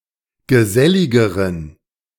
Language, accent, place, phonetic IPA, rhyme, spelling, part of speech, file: German, Germany, Berlin, [ɡəˈzɛlɪɡəʁən], -ɛlɪɡəʁən, geselligeren, adjective, De-geselligeren.ogg
- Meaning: inflection of gesellig: 1. strong genitive masculine/neuter singular comparative degree 2. weak/mixed genitive/dative all-gender singular comparative degree